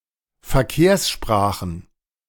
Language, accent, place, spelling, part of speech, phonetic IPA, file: German, Germany, Berlin, Verkehrssprachen, noun, [fɛɐ̯ˈkeːɐ̯sˌʃpʁaːxn̩], De-Verkehrssprachen.ogg
- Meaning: plural of Verkehrssprache